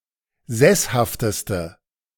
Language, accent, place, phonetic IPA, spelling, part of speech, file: German, Germany, Berlin, [ˈzɛshaftəstə], sesshafteste, adjective, De-sesshafteste.ogg
- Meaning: inflection of sesshaft: 1. strong/mixed nominative/accusative feminine singular superlative degree 2. strong nominative/accusative plural superlative degree